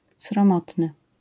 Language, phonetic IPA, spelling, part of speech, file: Polish, [srɔ̃ˈmɔtnɨ], sromotny, adjective, LL-Q809 (pol)-sromotny.wav